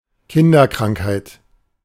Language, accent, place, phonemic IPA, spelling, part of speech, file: German, Germany, Berlin, /ˈkɪndɐˌkʁaŋkhaɪ̯t/, Kinderkrankheit, noun, De-Kinderkrankheit.ogg
- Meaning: 1. childhood disease 2. teething trouble